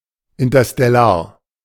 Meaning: interstellar
- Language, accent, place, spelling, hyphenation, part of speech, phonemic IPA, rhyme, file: German, Germany, Berlin, interstellar, in‧ter‧stel‧lar, adjective, /ɪntɐstɛˈlaːɐ̯/, -aːɐ̯, De-interstellar.ogg